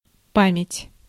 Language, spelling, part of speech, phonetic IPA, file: Russian, память, noun, [ˈpamʲɪtʲ], Ru-память.ogg
- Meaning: memory